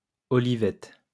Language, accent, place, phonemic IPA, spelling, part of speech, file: French, France, Lyon, /ɔ.li.vɛt/, olivette, noun, LL-Q150 (fra)-olivette.wav
- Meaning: 1. olive grove 2. small olive 3. small olive tree 4. plum tomato 5. a type of Provençal dance